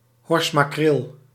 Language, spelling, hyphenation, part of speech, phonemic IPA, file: Dutch, horsmakreel, hors‧ma‧kreel, noun, /ˈɦɔrs.maːˌkreːl/, Nl-horsmakreel.ogg
- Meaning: scad, Atlantic horse mackerel (Trachurus trachurus)